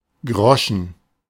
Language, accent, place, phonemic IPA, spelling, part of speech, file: German, Germany, Berlin, /ˈɡrɔʃən/, Groschen, noun, De-Groschen.ogg
- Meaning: groschen; any of a number of (chiefly obsolete) coins with a related name: 1. grosz (unit of currency in Poland, ¹⁄₁₀₀ of a zloty) 2. former unit of currency, worth ¹⁄₁₀₀ of a schilling